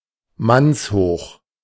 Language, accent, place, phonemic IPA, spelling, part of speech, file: German, Germany, Berlin, /ˈmansˌhoːχ/, mannshoch, adjective, De-mannshoch.ogg
- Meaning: man-high